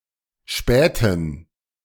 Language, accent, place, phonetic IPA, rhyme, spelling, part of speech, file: German, Germany, Berlin, [ˈʃpɛːtn̩], -ɛːtn̩, späten, adjective, De-späten.ogg
- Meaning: inflection of spät: 1. strong genitive masculine/neuter singular 2. weak/mixed genitive/dative all-gender singular 3. strong/weak/mixed accusative masculine singular 4. strong dative plural